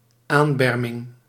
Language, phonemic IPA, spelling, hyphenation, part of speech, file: Dutch, /ˈaːnˌbɛr.mɪŋ/, aanberming, aan‧ber‧ming, noun, Nl-aanberming.ogg
- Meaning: the reinforcing of (the base of) a dyke/levee